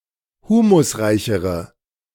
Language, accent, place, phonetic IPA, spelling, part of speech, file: German, Germany, Berlin, [ˈhuːmʊsˌʁaɪ̯çəʁə], humusreichere, adjective, De-humusreichere.ogg
- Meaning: inflection of humusreich: 1. strong/mixed nominative/accusative feminine singular comparative degree 2. strong nominative/accusative plural comparative degree